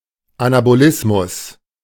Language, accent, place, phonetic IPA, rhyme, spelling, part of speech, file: German, Germany, Berlin, [anaboˈlɪsmʊs], -ɪsmʊs, Anabolismus, noun, De-Anabolismus.ogg
- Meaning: anabolism